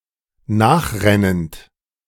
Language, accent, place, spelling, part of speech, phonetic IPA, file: German, Germany, Berlin, nachrennend, verb, [ˈnaːxˌʁɛnənt], De-nachrennend.ogg
- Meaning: present participle of nachrennen